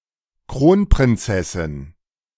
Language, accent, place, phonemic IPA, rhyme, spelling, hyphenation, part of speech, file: German, Germany, Berlin, /ˈkʁoːnpʁɪnˌt͡sɛsɪn/, -ɪn, Kronprinzessin, Kron‧prin‧zes‧sin, noun, De-Kronprinzessin.ogg
- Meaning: crown princess